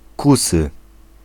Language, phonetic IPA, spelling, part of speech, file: Polish, [ˈkusɨ], kusy, adjective / noun, Pl-kusy.ogg